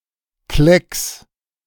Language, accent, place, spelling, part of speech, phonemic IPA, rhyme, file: German, Germany, Berlin, Klecks, noun, /klɛks/, -ɛks, De-Klecks.ogg
- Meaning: 1. blot, stain 2. blob, dab